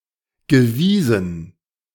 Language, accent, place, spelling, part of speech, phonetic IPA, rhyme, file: German, Germany, Berlin, gewiesen, verb, [ɡəˈviːzn̩], -iːzn̩, De-gewiesen.ogg
- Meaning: past participle of weisen